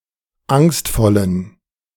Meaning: inflection of angstvoll: 1. strong genitive masculine/neuter singular 2. weak/mixed genitive/dative all-gender singular 3. strong/weak/mixed accusative masculine singular 4. strong dative plural
- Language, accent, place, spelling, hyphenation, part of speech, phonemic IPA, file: German, Germany, Berlin, angstvollen, angst‧vol‧len, adjective, /ˈaŋstfɔlən/, De-angstvollen.ogg